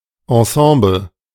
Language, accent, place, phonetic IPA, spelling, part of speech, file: German, Germany, Berlin, [ɑ̃ˈsɑ̃ːbl̩], Ensemble, noun, De-Ensemble.ogg
- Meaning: ensemble